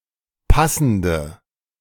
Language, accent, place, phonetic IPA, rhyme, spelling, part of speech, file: German, Germany, Berlin, [ˈpasn̩də], -asn̩də, passende, adjective, De-passende.ogg
- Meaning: inflection of passend: 1. strong/mixed nominative/accusative feminine singular 2. strong nominative/accusative plural 3. weak nominative all-gender singular 4. weak accusative feminine/neuter singular